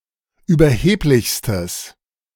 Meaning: strong/mixed nominative/accusative neuter singular superlative degree of überheblich
- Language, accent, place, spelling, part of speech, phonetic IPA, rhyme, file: German, Germany, Berlin, überheblichstes, adjective, [yːbɐˈheːplɪçstəs], -eːplɪçstəs, De-überheblichstes.ogg